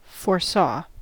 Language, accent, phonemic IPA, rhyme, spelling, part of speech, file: English, US, /fɔɹˈsɔ/, -ɔː, foresaw, verb, En-us-foresaw.ogg
- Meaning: simple past of foresee